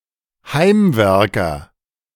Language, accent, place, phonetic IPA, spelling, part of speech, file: German, Germany, Berlin, [ˈhaɪ̯mˌvɛʁkɐ], Heimwerker, noun, De-Heimwerker.ogg
- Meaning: handyman, DIYer